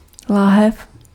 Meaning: 1. bottle (for liquids) 2. jar
- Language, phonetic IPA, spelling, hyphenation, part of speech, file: Czech, [ˈlaːɦɛf], láhev, lá‧hev, noun, Cs-láhev.ogg